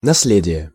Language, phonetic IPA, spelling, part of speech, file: Russian, [nɐs⁽ʲ⁾ˈlʲedʲɪje], наследие, noun, Ru-наследие.ogg
- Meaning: heritage, legacy